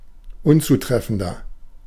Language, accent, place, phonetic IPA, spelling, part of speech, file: German, Germany, Berlin, [ˈʊnt͡suˌtʁɛfn̩dɐ], unzutreffender, adjective, De-unzutreffender.ogg
- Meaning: 1. comparative degree of unzutreffend 2. inflection of unzutreffend: strong/mixed nominative masculine singular 3. inflection of unzutreffend: strong genitive/dative feminine singular